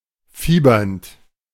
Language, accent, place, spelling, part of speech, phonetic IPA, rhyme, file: German, Germany, Berlin, fiebernd, verb, [ˈfiːbɐnt], -iːbɐnt, De-fiebernd.ogg
- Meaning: present participle of fiebern